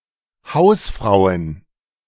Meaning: plural of Hausfrau
- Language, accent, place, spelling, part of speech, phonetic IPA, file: German, Germany, Berlin, Hausfrauen, noun, [ˈhaʊ̯sˌfʁaʊ̯ən], De-Hausfrauen.ogg